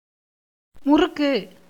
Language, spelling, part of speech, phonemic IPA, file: Tamil, முறுக்கு, noun / verb, /mʊrʊkːɯ/, Ta-முறுக்கு.ogg
- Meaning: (noun) 1. murukku 2. twisting; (verb) 1. to twist, twirl 2. to be proud, haughty, arrogant 3. to disagree